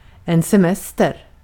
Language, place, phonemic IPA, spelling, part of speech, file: Swedish, Gotland, /sɛˈmɛstɛr/, semester, noun, Sv-semester.ogg
- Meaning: 1. a holiday/vacation, especially from work 2. an activity related to vacationing 3. a relief from a taxing situation